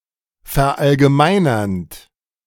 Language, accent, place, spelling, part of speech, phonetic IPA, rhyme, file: German, Germany, Berlin, verallgemeinernd, verb, [fɛɐ̯ʔalɡəˈmaɪ̯nɐnt], -aɪ̯nɐnt, De-verallgemeinernd.ogg
- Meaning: present participle of verallgemeinern